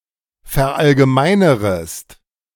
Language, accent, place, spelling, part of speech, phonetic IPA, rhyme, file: German, Germany, Berlin, verallgemeinerest, verb, [fɛɐ̯ˌʔalɡəˈmaɪ̯nəʁəst], -aɪ̯nəʁəst, De-verallgemeinerest.ogg
- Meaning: second-person singular subjunctive I of verallgemeinern